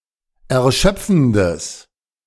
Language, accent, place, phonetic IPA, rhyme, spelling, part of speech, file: German, Germany, Berlin, [ɛɐ̯ˈʃœp͡fn̩dəs], -œp͡fn̩dəs, erschöpfendes, adjective, De-erschöpfendes.ogg
- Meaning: strong/mixed nominative/accusative neuter singular of erschöpfend